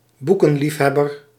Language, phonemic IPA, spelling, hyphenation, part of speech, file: Dutch, /ˈbu.kə(n)ˌlif.ɦɛ.bər/, boekenliefhebber, boe‧ken‧lief‧heb‧ber, noun, Nl-boekenliefhebber.ogg
- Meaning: bibliophile